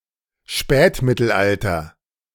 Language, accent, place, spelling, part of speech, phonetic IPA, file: German, Germany, Berlin, Spätmittelalter, noun, [ˈʃpɛːtmɪtl̩ˌʔaltɐ], De-Spätmittelalter.ogg
- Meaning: Late Middle Ages